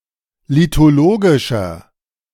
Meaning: inflection of lithologisch: 1. strong/mixed nominative masculine singular 2. strong genitive/dative feminine singular 3. strong genitive plural
- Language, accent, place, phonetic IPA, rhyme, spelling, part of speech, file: German, Germany, Berlin, [litoˈloːɡɪʃɐ], -oːɡɪʃɐ, lithologischer, adjective, De-lithologischer.ogg